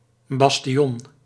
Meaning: bastion; a projecting part of a rampart
- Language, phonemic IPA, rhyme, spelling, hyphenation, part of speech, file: Dutch, /ˌbɑs.tiˈɔn/, -ɔn, bastion, bas‧ti‧on, noun, Nl-bastion.ogg